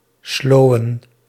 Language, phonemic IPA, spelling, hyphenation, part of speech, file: Dutch, /ˈsloː.ʋə(n)/, slowen, slo‧wen, verb, Nl-slowen.ogg
- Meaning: to slow dance